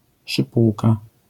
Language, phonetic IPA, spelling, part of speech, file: Polish, [ʃɨˈpuwka], szypułka, noun, LL-Q809 (pol)-szypułka.wav